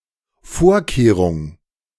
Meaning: precaution
- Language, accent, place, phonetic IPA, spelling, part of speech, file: German, Germany, Berlin, [ˈfoːɐ̯ˌkeːʁʊŋ], Vorkehrung, noun, De-Vorkehrung.ogg